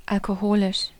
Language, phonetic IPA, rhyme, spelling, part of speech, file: German, [alkoˈhoːlɪʃ], -oːlɪʃ, alkoholisch, adjective, De-alkoholisch.ogg
- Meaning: alcoholic